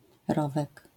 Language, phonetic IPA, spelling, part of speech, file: Polish, [ˈrɔvɛk], rowek, noun, LL-Q809 (pol)-rowek.wav